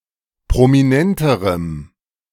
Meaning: strong dative masculine/neuter singular comparative degree of prominent
- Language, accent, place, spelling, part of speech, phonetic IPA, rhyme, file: German, Germany, Berlin, prominenterem, adjective, [pʁomiˈnɛntəʁəm], -ɛntəʁəm, De-prominenterem.ogg